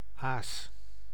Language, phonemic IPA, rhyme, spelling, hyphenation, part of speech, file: Dutch, /aːs/, -aːs, aas, aas, noun / verb, Nl-aas.ogg
- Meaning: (noun) 1. bait 2. carrion; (verb) inflection of azen: 1. first-person singular present 2. imperative singular; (noun) ace (playing cards)